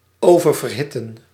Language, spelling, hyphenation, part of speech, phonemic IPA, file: Dutch, oververhitten, over‧ver‧hit‧ten, verb, /ˌoː.vər.vərˈɦɪ.tən/, Nl-oververhitten.ogg
- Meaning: to overheat